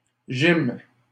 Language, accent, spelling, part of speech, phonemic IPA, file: French, Canada, gym, noun, /ʒim/, LL-Q150 (fra)-gym.wav
- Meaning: 1. clipping of gymnastique 2. clipping of gymnase